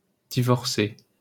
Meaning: feminine singular of divorcé
- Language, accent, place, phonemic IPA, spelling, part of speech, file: French, France, Paris, /di.vɔʁ.se/, divorcée, verb, LL-Q150 (fra)-divorcée.wav